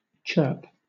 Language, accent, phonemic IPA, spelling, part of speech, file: English, Southern England, /t͡ʃɜːp/, chirp, noun / verb, LL-Q1860 (eng)-chirp.wav
- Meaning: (noun) A short, sharp or high note or noise, as of a bird or insect